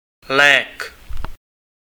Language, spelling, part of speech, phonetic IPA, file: Czech, lék, noun, [ˈlɛːk], Cs-lék.ogg
- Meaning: medicine, cure, drug